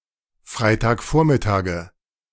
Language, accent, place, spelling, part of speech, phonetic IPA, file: German, Germany, Berlin, Freitagvormittage, noun, [ˈfʁaɪ̯taːkˌfoːɐ̯mɪtaːɡə], De-Freitagvormittage.ogg
- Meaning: nominative/accusative/genitive plural of Freitagvormittag